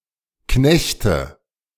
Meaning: inflection of knechten: 1. first-person singular present 2. first/third-person singular subjunctive I 3. singular imperative
- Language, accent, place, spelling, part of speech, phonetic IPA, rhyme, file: German, Germany, Berlin, knechte, verb, [ˈknɛçtə], -ɛçtə, De-knechte.ogg